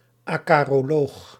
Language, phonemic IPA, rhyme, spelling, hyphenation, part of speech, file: Dutch, /aː.kaː.roːˈloːx/, -oːx, acaroloog, aca‧ro‧loog, noun, Nl-acaroloog.ogg
- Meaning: acarologist